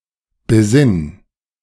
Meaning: singular imperative of besinnen
- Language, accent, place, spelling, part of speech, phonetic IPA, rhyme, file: German, Germany, Berlin, besinn, verb, [bəˈzɪn], -ɪn, De-besinn.ogg